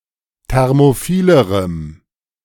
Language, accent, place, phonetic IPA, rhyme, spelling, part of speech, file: German, Germany, Berlin, [ˌtɛʁmoˈfiːləʁəm], -iːləʁəm, thermophilerem, adjective, De-thermophilerem.ogg
- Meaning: strong dative masculine/neuter singular comparative degree of thermophil